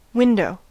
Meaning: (noun) An opening, usually covered by one or more panes of clear glass, to allow light and air from outside to enter a building or vehicle
- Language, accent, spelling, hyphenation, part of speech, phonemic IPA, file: English, US, window, win‧dow, noun / verb, /ˈwɪndoʊ/, En-us-window.ogg